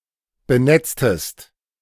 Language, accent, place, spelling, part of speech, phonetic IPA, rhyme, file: German, Germany, Berlin, benetztest, verb, [bəˈnɛt͡stəst], -ɛt͡stəst, De-benetztest.ogg
- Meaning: inflection of benetzen: 1. second-person singular preterite 2. second-person singular subjunctive II